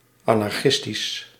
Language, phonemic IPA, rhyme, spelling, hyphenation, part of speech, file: Dutch, /ɑ.nɑrˈxɪs.tis/, -ɪstis, anarchistisch, an‧ar‧chis‧tisch, adjective, Nl-anarchistisch.ogg
- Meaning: anarchistic, relating or belonging to anarchism